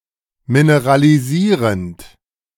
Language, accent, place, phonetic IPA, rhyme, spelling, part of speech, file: German, Germany, Berlin, [minəʁaliˈziːʁənt], -iːʁənt, mineralisierend, verb, De-mineralisierend.ogg
- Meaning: present participle of mineralisieren